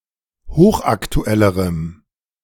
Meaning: strong dative masculine/neuter singular comparative degree of hochaktuell
- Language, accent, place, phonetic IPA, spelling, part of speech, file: German, Germany, Berlin, [ˈhoːxʔaktuˌɛləʁəm], hochaktuellerem, adjective, De-hochaktuellerem.ogg